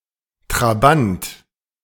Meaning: 1. bodyguard of a noble 2. satellite; moon 3. follower of a figure or cause; hanger-on 4. child 5. an East German make of car
- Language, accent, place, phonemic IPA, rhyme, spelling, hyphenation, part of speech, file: German, Germany, Berlin, /tʁaˈbant/, -ant, Trabant, Tra‧bant, noun, De-Trabant.ogg